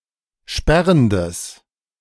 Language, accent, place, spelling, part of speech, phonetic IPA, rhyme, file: German, Germany, Berlin, sperrendes, adjective, [ˈʃpɛʁəndəs], -ɛʁəndəs, De-sperrendes.ogg
- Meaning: strong/mixed nominative/accusative neuter singular of sperrend